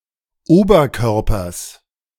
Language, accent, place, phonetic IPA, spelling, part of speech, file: German, Germany, Berlin, [ˈoːbɐˌkœʁpɐs], Oberkörpers, noun, De-Oberkörpers.ogg
- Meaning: genitive singular of Oberkörper